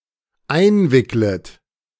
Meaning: second-person plural dependent subjunctive I of einwickeln
- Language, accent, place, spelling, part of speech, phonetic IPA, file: German, Germany, Berlin, einwicklet, verb, [ˈaɪ̯nˌvɪklət], De-einwicklet.ogg